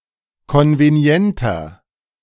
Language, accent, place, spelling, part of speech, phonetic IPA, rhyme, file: German, Germany, Berlin, konvenienter, adjective, [ˌkɔnveˈni̯ɛntɐ], -ɛntɐ, De-konvenienter.ogg
- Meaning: 1. comparative degree of konvenient 2. inflection of konvenient: strong/mixed nominative masculine singular 3. inflection of konvenient: strong genitive/dative feminine singular